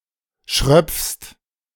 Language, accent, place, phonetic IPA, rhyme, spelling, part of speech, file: German, Germany, Berlin, [ʃʁœp͡fst], -œp͡fst, schröpfst, verb, De-schröpfst.ogg
- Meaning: second-person singular present of schröpfen